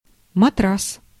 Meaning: 1. mattress (a pad on which a person can recline and sleep) 2. the Stars and Stripes (the flag of the United States of America)
- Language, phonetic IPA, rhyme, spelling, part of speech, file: Russian, [mɐˈtras], -as, матрас, noun, Ru-матрас.ogg